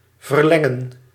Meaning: 1. to extend, to lengthen 2. to protract, to delay 3. to become longer, to lengthen
- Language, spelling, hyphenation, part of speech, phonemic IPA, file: Dutch, verlengen, ver‧len‧gen, verb, /vərˈlɛ.ŋə(n)/, Nl-verlengen.ogg